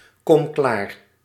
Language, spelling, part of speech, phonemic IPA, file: Dutch, kom klaar, verb, /ˌkɔm ˈklar/, Nl-kom klaar.ogg
- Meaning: inflection of klaarkomen: 1. first-person singular present indicative 2. second-person singular present indicative 3. imperative